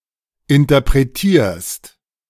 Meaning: second-person singular present of interpretieren
- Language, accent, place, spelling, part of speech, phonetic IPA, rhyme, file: German, Germany, Berlin, interpretierst, verb, [ɪntɐpʁeˈtiːɐ̯st], -iːɐ̯st, De-interpretierst.ogg